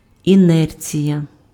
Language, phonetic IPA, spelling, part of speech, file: Ukrainian, [iˈnɛrt͡sʲijɐ], інерція, noun, Uk-інерція.ogg
- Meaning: inertia